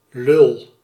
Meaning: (noun) 1. cock, prick (slang for penis) 2. disgusting male person, dick, prick 3. a type of bottle used to feed an infant or the infirm
- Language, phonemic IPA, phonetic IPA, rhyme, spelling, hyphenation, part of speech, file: Dutch, /lʏl/, [lʏɫ], -ʏl, lul, lul, noun / verb, Nl-lul.ogg